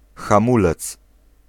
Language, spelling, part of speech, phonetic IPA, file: Polish, hamulec, noun, [xãˈmulɛt͡s], Pl-hamulec.ogg